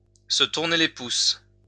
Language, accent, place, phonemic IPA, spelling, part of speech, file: French, France, Lyon, /sə tuʁ.ne le pus/, se tourner les pouces, verb, LL-Q150 (fra)-se tourner les pouces.wav
- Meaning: to twiddle one's thumbs